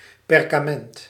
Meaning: 1. parchment (material, uncountable) 2. a document such as a certificate scribed on parchment
- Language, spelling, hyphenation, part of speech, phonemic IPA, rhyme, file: Dutch, perkament, per‧ka‧ment, noun, /ˌpɛr.kaːˈmɛnt/, -ɛnt, Nl-perkament.ogg